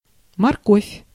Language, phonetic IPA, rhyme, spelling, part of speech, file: Russian, [mɐrˈkofʲ], -ofʲ, морковь, noun, Ru-морковь.ogg
- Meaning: 1. carrot (plant) 2. carrots (roots of the plant used for eating)